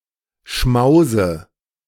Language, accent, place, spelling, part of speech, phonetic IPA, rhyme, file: German, Germany, Berlin, Schmause, noun, [ˈʃmaʊ̯zə], -aʊ̯zə, De-Schmause.ogg
- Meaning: dative of Schmaus